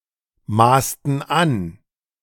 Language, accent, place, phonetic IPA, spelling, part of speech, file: German, Germany, Berlin, [ˌmaːstn̩ ˈan], maßten an, verb, De-maßten an.ogg
- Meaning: inflection of anmaßen: 1. first/third-person plural preterite 2. first/third-person plural subjunctive II